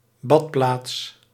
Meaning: a settlement with a spa or bathing resort
- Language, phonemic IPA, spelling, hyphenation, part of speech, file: Dutch, /ˈbɑt.plaːts/, badplaats, bad‧plaats, noun, Nl-badplaats.ogg